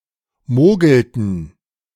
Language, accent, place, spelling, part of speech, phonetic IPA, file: German, Germany, Berlin, mogelten, verb, [ˈmoːɡl̩tn̩], De-mogelten.ogg
- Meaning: inflection of mogeln: 1. first/third-person plural preterite 2. first/third-person plural subjunctive II